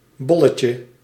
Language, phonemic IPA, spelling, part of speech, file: Dutch, /ˈbɔ.lə.tjə/, bolletje, noun, Nl-bolletje.ogg
- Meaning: 1. diminutive of bol 2. a small ingestible package for trafficking recreational drugs (see the lemma form for derived terms)